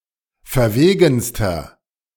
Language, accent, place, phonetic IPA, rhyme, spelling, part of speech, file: German, Germany, Berlin, [fɛɐ̯ˈveːɡn̩stɐ], -eːɡn̩stɐ, verwegenster, adjective, De-verwegenster.ogg
- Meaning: inflection of verwegen: 1. strong/mixed nominative masculine singular superlative degree 2. strong genitive/dative feminine singular superlative degree 3. strong genitive plural superlative degree